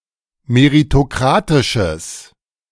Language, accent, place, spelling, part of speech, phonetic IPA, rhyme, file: German, Germany, Berlin, meritokratisches, adjective, [meʁitoˈkʁaːtɪʃəs], -aːtɪʃəs, De-meritokratisches.ogg
- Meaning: strong/mixed nominative/accusative neuter singular of meritokratisch